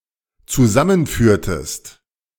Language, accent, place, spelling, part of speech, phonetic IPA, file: German, Germany, Berlin, zusammenführtest, verb, [t͡suˈzamənˌfyːɐ̯təst], De-zusammenführtest.ogg
- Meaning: inflection of zusammenführen: 1. second-person singular dependent preterite 2. second-person singular dependent subjunctive II